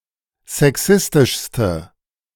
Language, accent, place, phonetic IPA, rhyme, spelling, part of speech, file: German, Germany, Berlin, [zɛˈksɪstɪʃstə], -ɪstɪʃstə, sexistischste, adjective, De-sexistischste.ogg
- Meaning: inflection of sexistisch: 1. strong/mixed nominative/accusative feminine singular superlative degree 2. strong nominative/accusative plural superlative degree